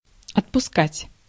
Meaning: 1. to let go, to let off 2. to release, to set free 3. to dismiss, to give leave 4. to supply, to serve, to issue, to give out, to sell 5. to allot, to assign, to allow, to provide
- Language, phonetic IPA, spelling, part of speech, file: Russian, [ɐtpʊˈskatʲ], отпускать, verb, Ru-отпускать.ogg